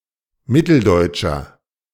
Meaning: inflection of mitteldeutsch: 1. strong/mixed nominative masculine singular 2. strong genitive/dative feminine singular 3. strong genitive plural
- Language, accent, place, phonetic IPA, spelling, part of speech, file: German, Germany, Berlin, [ˈmɪtl̩ˌdɔɪ̯tʃɐ], mitteldeutscher, adjective, De-mitteldeutscher.ogg